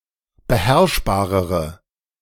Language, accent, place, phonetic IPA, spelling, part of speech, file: German, Germany, Berlin, [bəˈhɛʁʃbaːʁəʁə], beherrschbarere, adjective, De-beherrschbarere.ogg
- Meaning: inflection of beherrschbar: 1. strong/mixed nominative/accusative feminine singular comparative degree 2. strong nominative/accusative plural comparative degree